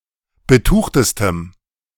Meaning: strong dative masculine/neuter singular superlative degree of betucht
- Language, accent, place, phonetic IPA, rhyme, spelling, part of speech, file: German, Germany, Berlin, [bəˈtuːxtəstəm], -uːxtəstəm, betuchtestem, adjective, De-betuchtestem.ogg